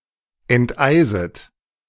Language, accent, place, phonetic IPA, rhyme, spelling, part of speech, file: German, Germany, Berlin, [ɛntˈʔaɪ̯zət], -aɪ̯zət, enteiset, verb, De-enteiset.ogg
- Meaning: second-person plural subjunctive I of enteisen